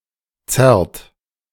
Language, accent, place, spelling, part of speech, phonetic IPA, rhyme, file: German, Germany, Berlin, zerrt, verb, [t͡sɛʁt], -ɛʁt, De-zerrt.ogg
- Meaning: inflection of zerren: 1. third-person singular present 2. second-person plural present 3. plural imperative